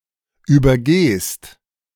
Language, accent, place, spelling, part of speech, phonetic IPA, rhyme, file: German, Germany, Berlin, übergehst, verb, [yːbɐˈɡeːst], -eːst, De-übergehst.ogg
- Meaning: second-person singular present of übergehen